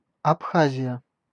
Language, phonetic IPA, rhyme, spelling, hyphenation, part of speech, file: Russian, [ɐpˈxazʲɪjə], -azʲɪjə, Абхазия, Аб‧ха‧зия, proper noun, Ru-Абхазия.ogg